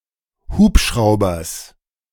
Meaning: genitive singular of Hubschrauber
- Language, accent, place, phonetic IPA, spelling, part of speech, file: German, Germany, Berlin, [ˈhuːpˌʃʁaʊ̯bɐs], Hubschraubers, noun, De-Hubschraubers.ogg